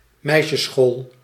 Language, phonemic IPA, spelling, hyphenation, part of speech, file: Dutch, /ˈmɛi̯.ʃə(s)ˌsxoːl/, meisjesschool, meis‧jes‧school, noun, Nl-meisjesschool.ogg
- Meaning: a girls' school